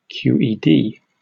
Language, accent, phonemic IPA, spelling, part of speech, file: English, Received Pronunciation, /ˌkjuːiːˈdiː/, QED, noun / phrase, En-uk-QED.oga
- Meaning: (noun) (Partial) initialism of quantum electrodynamics; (phrase) Alternative form of Q.E.D.; Initialism of quod erat demonstrandum